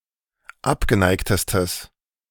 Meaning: strong/mixed nominative/accusative neuter singular superlative degree of abgeneigt
- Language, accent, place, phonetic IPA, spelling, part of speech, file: German, Germany, Berlin, [ˈapɡəˌnaɪ̯ktəstəs], abgeneigtestes, adjective, De-abgeneigtestes.ogg